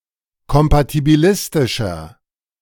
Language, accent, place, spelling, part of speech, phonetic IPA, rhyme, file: German, Germany, Berlin, kompatibilistischer, adjective, [kɔmpatibiˈlɪstɪʃɐ], -ɪstɪʃɐ, De-kompatibilistischer.ogg
- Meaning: inflection of kompatibilistisch: 1. strong/mixed nominative masculine singular 2. strong genitive/dative feminine singular 3. strong genitive plural